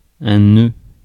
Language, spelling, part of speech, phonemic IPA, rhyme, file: French, nœud, noun, /nø/, -ø, Fr-nœud.ogg
- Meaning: 1. knot (tangle) 2. knot (unit of speed, one nautical mile per hour) 3. penis 4. stupid person 5. node 6. knot (muscular tension)